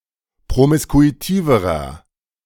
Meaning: inflection of promiskuitiv: 1. strong/mixed nominative masculine singular comparative degree 2. strong genitive/dative feminine singular comparative degree 3. strong genitive plural comparative degree
- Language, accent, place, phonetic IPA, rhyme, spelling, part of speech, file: German, Germany, Berlin, [pʁomɪskuiˈtiːvəʁɐ], -iːvəʁɐ, promiskuitiverer, adjective, De-promiskuitiverer.ogg